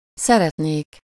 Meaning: 1. first-person singular conditional present indefinite of szeret 2. third-person plural conditional present definite of szeret
- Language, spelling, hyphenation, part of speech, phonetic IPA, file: Hungarian, szeretnék, sze‧ret‧nék, verb, [ˈsɛrɛtneːk], Hu-szeretnék.ogg